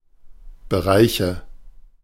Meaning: inflection of Bereich: 1. dative singular 2. nominative/accusative/genitive plural
- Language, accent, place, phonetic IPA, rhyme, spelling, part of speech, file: German, Germany, Berlin, [bəˈʁaɪ̯çə], -aɪ̯çə, Bereiche, noun, De-Bereiche.ogg